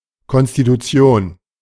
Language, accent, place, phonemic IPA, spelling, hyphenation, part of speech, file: German, Germany, Berlin, /kɔnstituˈt͡si̯oːn/, Konstitution, Kon‧s‧ti‧tu‧ti‧on, noun, De-Konstitution.ogg
- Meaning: 1. constitution 2. constitution (physical, mental, etc.) 3. composition